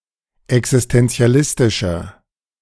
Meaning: inflection of existenzialistisch: 1. strong/mixed nominative masculine singular 2. strong genitive/dative feminine singular 3. strong genitive plural
- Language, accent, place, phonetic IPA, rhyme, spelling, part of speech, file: German, Germany, Berlin, [ɛksɪstɛnt͡si̯aˈlɪstɪʃɐ], -ɪstɪʃɐ, existenzialistischer, adjective, De-existenzialistischer.ogg